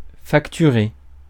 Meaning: to charge, invoice, bill
- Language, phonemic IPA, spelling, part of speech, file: French, /fak.ty.ʁe/, facturer, verb, Fr-facturer.ogg